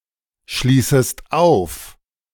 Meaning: second-person singular subjunctive I of aufschließen
- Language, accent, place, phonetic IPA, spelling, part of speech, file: German, Germany, Berlin, [ˌʃliːsəst ˈaʊ̯f], schließest auf, verb, De-schließest auf.ogg